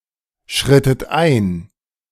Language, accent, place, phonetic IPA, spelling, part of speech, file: German, Germany, Berlin, [ˌʃʁɪtn̩ ˈʔaɪ̯n], schrittet ein, verb, De-schrittet ein.ogg
- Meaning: inflection of einschreiten: 1. second-person plural preterite 2. second-person plural subjunctive II